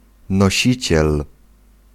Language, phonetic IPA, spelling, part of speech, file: Polish, [nɔˈɕit͡ɕɛl], nosiciel, noun, Pl-nosiciel.ogg